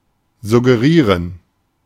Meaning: to suggest
- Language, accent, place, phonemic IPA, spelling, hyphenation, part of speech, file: German, Germany, Berlin, /zʊɡeˈʁiːʁən/, suggerieren, sug‧ge‧rie‧ren, verb, De-suggerieren.ogg